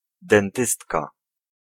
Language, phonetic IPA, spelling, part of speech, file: Polish, [dɛ̃nˈtɨstka], dentystka, noun, Pl-dentystka.ogg